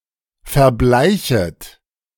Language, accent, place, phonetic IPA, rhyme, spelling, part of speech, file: German, Germany, Berlin, [fɛɐ̯ˈblaɪ̯çət], -aɪ̯çət, verbleichet, verb, De-verbleichet.ogg
- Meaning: second-person plural subjunctive I of verbleichen